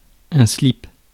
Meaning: briefs (men's underpants)
- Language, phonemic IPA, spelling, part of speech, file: French, /slip/, slip, noun, Fr-slip.ogg